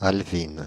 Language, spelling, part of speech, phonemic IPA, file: French, alvine, adjective, /al.vin/, Fr-alvine.ogg
- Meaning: feminine singular of alvin